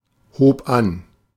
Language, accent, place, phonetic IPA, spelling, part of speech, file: German, Germany, Berlin, [ˌhoːp ˈan], hob an, verb, De-hob an.ogg
- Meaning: first/third-person singular preterite of anheben